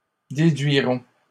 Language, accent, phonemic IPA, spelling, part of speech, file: French, Canada, /de.dɥi.ʁɔ̃/, déduiront, verb, LL-Q150 (fra)-déduiront.wav
- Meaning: third-person plural simple future of déduire